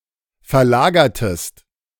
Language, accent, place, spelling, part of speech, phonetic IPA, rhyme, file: German, Germany, Berlin, verlagertest, verb, [fɛɐ̯ˈlaːɡɐtəst], -aːɡɐtəst, De-verlagertest.ogg
- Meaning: inflection of verlagern: 1. second-person singular preterite 2. second-person singular subjunctive II